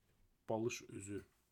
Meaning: pillow case
- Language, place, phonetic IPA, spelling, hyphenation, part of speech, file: Azerbaijani, Baku, [bɑɫɯʃyˈzy], balışüzü, ba‧lış‧ü‧zü, noun, Az-az-balış üzü.ogg